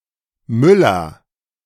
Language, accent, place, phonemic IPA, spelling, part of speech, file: German, Germany, Berlin, /ˈmʏlɐ/, Müller, noun / proper noun, De-Müller.ogg
- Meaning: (noun) miller; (proper noun) a common surname originating as an occupation